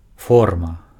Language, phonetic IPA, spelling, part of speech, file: Belarusian, [ˈforma], форма, noun, Be-форма.ogg
- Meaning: 1. form, shape 2. form (document to be filled) 3. model 4. mold 5. uniform (military, sports)